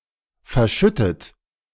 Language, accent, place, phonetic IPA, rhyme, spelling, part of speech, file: German, Germany, Berlin, [fɛɐ̯ˈʃʏtət], -ʏtət, verschüttet, verb, De-verschüttet.ogg
- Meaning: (verb) past participle of verschütten; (adjective) spilt, spilled; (verb) inflection of verschütten: 1. third-person singular present 2. second-person plural present 3. plural imperative